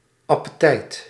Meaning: 1. appetite, desire to eat 2. any desire or longing
- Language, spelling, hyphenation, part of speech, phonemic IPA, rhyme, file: Dutch, appetijt, ap‧pe‧tijt, noun, /ˌɑ.pəˈtɛi̯t/, -ɛi̯t, Nl-appetijt.ogg